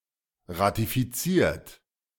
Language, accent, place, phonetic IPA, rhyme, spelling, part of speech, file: German, Germany, Berlin, [ʁatifiˈt͡siːɐ̯t], -iːɐ̯t, ratifiziert, verb, De-ratifiziert.ogg
- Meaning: 1. past participle of ratifizieren 2. inflection of ratifizieren: third-person singular present 3. inflection of ratifizieren: second-person plural present